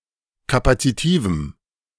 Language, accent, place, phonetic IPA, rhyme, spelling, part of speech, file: German, Germany, Berlin, [ˌkapat͡siˈtiːvm̩], -iːvm̩, kapazitivem, adjective, De-kapazitivem.ogg
- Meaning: strong dative masculine/neuter singular of kapazitiv